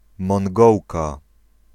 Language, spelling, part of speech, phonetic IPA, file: Polish, Mongołka, noun, [mɔ̃ŋˈɡɔwka], Pl-Mongołka.ogg